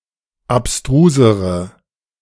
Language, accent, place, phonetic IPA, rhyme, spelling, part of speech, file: German, Germany, Berlin, [apˈstʁuːzəʁə], -uːzəʁə, abstrusere, adjective, De-abstrusere.ogg
- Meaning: inflection of abstrus: 1. strong/mixed nominative/accusative feminine singular comparative degree 2. strong nominative/accusative plural comparative degree